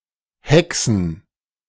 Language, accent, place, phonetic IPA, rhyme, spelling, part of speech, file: German, Germany, Berlin, [ˈhɛksn̩], -ɛksn̩, Häcksen, noun, De-Häcksen.ogg
- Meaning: plural of Häckse